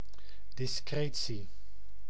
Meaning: discretion (the quality of being discreet or circumspect)
- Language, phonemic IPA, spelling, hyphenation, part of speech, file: Dutch, /dɪsˈkreː.(t)si/, discretie, dis‧cre‧tie, noun, Nl-discretie.ogg